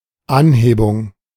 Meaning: 1. elevation, raising, uplift 2. increase, accentuation
- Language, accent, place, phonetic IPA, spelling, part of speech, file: German, Germany, Berlin, [ˈanˌheːbʊŋ], Anhebung, noun, De-Anhebung.ogg